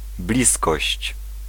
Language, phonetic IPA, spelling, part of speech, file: Polish, [ˈblʲiskɔɕt͡ɕ], bliskość, noun, Pl-bliskość.ogg